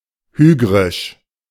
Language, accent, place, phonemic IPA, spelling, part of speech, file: German, Germany, Berlin, /ˈhyːɡʁɪʃ/, hygrisch, adjective, De-hygrisch.ogg
- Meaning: hygric